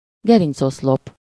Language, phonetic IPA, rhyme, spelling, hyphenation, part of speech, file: Hungarian, [ˈɡɛrint͡soslop], -op, gerincoszlop, ge‧rinc‧osz‧lop, noun, Hu-gerincoszlop.ogg
- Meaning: vertebral column, spinal column